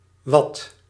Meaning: wadeable, tidal mud flat
- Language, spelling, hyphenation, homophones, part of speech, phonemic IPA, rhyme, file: Dutch, wad, wad, wat / watt, noun, /ˈʋɑt/, -ɑt, Nl-wad.ogg